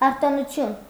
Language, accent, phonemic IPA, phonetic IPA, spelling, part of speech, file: Armenian, Eastern Armenian, /ɑɾtonuˈtʰjun/, [ɑɾtonut͡sʰjún], արտոնություն, noun, Hy-արտոնություն.ogg
- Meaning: privilege